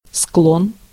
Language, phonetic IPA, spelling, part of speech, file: Russian, [skɫon], склон, noun, Ru-склон.ogg
- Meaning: slope